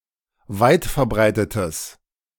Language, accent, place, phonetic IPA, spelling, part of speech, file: German, Germany, Berlin, [ˈvaɪ̯tfɛɐ̯ˌbʁaɪ̯tətəs], weitverbreitetes, adjective, De-weitverbreitetes.ogg
- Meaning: strong/mixed nominative/accusative neuter singular of weitverbreitet